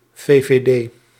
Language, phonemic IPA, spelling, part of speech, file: Dutch, /veveˈde/, VVD, proper noun, Nl-VVD.ogg
- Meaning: initialism of Volkspartij voor Vrijheid en Democratie; People's Party for Freedom and Democracy, a conservative liberal political party in the Netherlands